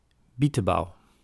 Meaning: bogeyman, bugbear, some kind of ghost figure used to scare children
- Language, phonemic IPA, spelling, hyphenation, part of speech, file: Dutch, /ˈbi.təˌbɑu̯/, bietebauw, bie‧te‧bauw, noun, Nl-bietebauw.ogg